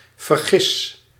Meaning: inflection of vergissen: 1. first-person singular present indicative 2. second-person singular present indicative 3. imperative
- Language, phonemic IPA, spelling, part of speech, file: Dutch, /vərˈɣɪs/, vergis, verb, Nl-vergis.ogg